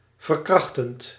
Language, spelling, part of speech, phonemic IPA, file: Dutch, verkrachtend, verb, /vər.ˈkrɑx.tənt/, Nl-verkrachtend.ogg
- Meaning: present participle of verkrachten